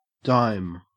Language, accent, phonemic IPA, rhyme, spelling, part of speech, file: English, Australia, /daɪm/, -aɪm, dime, noun / verb, En-au-dime.ogg
- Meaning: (noun) 1. A coin worth one-tenth of a dollar, that is, ten cents 2. A small amount of money 3. An assist 4. A playing card with the rank of ten 5. Ten dollars 6. A thousand dollars